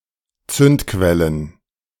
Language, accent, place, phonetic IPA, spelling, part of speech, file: German, Germany, Berlin, [ˈt͡sʏntˌkvɛlən], Zündquellen, noun, De-Zündquellen.ogg
- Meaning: plural of Zündquelle